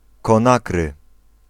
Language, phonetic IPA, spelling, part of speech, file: Polish, [kɔ̃ˈnakrɨ], Konakry, proper noun, Pl-Konakry.ogg